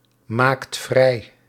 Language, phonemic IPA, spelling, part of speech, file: Dutch, /ˈmakt ˈvrɛi/, maakt vrij, verb, Nl-maakt vrij.ogg
- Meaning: inflection of vrijmaken: 1. second/third-person singular present indicative 2. plural imperative